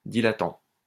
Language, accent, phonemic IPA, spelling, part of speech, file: French, France, /di.la.tɑ̃/, dilatant, verb, LL-Q150 (fra)-dilatant.wav
- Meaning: present participle of dilater